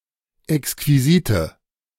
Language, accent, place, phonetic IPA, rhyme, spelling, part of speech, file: German, Germany, Berlin, [ɛkskviˈziːtə], -iːtə, exquisite, adjective, De-exquisite.ogg
- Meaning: inflection of exquisit: 1. strong/mixed nominative/accusative feminine singular 2. strong nominative/accusative plural 3. weak nominative all-gender singular